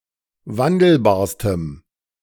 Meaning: strong dative masculine/neuter singular superlative degree of wandelbar
- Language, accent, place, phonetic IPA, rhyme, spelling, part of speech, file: German, Germany, Berlin, [ˈvandl̩baːɐ̯stəm], -andl̩baːɐ̯stəm, wandelbarstem, adjective, De-wandelbarstem.ogg